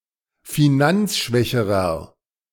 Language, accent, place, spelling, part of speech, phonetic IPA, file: German, Germany, Berlin, finanzschwächerer, adjective, [fiˈnant͡sˌʃvɛçəʁɐ], De-finanzschwächerer.ogg
- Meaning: inflection of finanzschwach: 1. strong/mixed nominative masculine singular comparative degree 2. strong genitive/dative feminine singular comparative degree